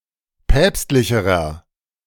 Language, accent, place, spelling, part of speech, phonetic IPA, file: German, Germany, Berlin, päpstlicherer, adjective, [ˈpɛːpstlɪçəʁɐ], De-päpstlicherer.ogg
- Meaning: inflection of päpstlich: 1. strong/mixed nominative masculine singular comparative degree 2. strong genitive/dative feminine singular comparative degree 3. strong genitive plural comparative degree